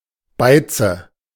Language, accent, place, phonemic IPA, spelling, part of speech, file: German, Germany, Berlin, /baɪ̯tsə/, Beize, noun, De-Beize.ogg
- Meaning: 1. mordant 2. marinade